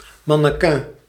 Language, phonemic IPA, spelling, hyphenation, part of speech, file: Dutch, /ˌmɑ.nəˈkɛːn/, mannequin, man‧ne‧quin, noun, Nl-mannequin.ogg
- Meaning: a clothes model or fashion model, a mannequin